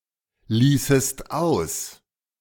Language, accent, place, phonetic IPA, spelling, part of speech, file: German, Germany, Berlin, [ˌliːsəst ˈaʊ̯s], ließest aus, verb, De-ließest aus.ogg
- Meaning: second-person singular subjunctive II of auslassen